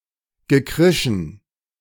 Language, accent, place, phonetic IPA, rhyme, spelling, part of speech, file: German, Germany, Berlin, [ɡəˈkʁɪʃn̩], -ɪʃn̩, gekrischen, verb, De-gekrischen.ogg
- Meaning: past participle of kreischen